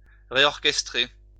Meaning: to reorchestrate
- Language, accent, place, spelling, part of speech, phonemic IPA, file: French, France, Lyon, réorchestrer, verb, /ʁe.ɔʁ.kɛs.tʁe/, LL-Q150 (fra)-réorchestrer.wav